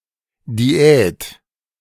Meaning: diet
- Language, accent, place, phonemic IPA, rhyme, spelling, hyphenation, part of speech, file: German, Germany, Berlin, /diˈɛːt/, -ɛːt, Diät, Di‧ät, noun, De-Diät.ogg